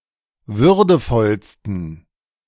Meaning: 1. superlative degree of würdevoll 2. inflection of würdevoll: strong genitive masculine/neuter singular superlative degree
- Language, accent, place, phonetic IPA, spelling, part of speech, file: German, Germany, Berlin, [ˈvʏʁdəfɔlstn̩], würdevollsten, adjective, De-würdevollsten.ogg